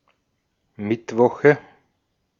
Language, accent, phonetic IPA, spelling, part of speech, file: German, Austria, [ˈmɪtˌvɔxə], Mittwoche, noun, De-at-Mittwoche.ogg
- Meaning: nominative/accusative/genitive plural of Mittwoch